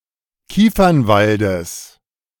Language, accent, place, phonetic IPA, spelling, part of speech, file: German, Germany, Berlin, [ˈkiːfɐnˌvaldəs], Kiefernwaldes, noun, De-Kiefernwaldes.ogg
- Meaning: genitive singular of Kiefernwald